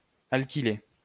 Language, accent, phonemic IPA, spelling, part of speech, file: French, France, /al.ki.le/, alkyler, verb, LL-Q150 (fra)-alkyler.wav
- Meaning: to alkylate